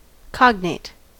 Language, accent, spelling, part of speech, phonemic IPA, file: English, US, cognate, adjective / noun, /ˈkɑɡn(e)ɪt/, En-us-cognate.ogg
- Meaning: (adjective) 1. Allied by blood; kindred by birth; specifically (law) related on the mother's side 2. Of the same or a similar nature; of the same family; proceeding from the same stock or root